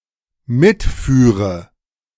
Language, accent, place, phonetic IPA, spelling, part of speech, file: German, Germany, Berlin, [ˈmɪtˌfyːʁə], mitführe, verb, De-mitführe.ogg
- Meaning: first/third-person singular dependent subjunctive II of mitfahren